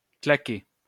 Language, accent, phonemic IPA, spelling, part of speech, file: French, France, /kla.ke/, claqué, adjective / verb, LL-Q150 (fra)-claqué.wav
- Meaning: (adjective) 1. dead 2. exhausted, knackered; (verb) past participle of claquer